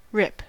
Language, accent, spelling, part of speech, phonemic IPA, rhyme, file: English, US, rip, verb / noun / interjection, /ɹɪp/, -ɪp, En-us-rip.ogg
- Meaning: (verb) 1. To divide or separate the parts of (especially something flimsy, such as paper or fabric), by cutting or tearing; to tear off or out by violence 2. To tear apart; to rapidly become two parts